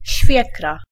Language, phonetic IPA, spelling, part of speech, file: Polish, [ˈɕfʲjɛkra], świekra, noun, Pl-świekra.ogg